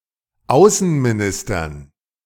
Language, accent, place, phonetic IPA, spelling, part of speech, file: German, Germany, Berlin, [ˈaʊ̯sn̩miˌnɪstɐn], Außenministern, noun, De-Außenministern.ogg
- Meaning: dative plural of Außenminister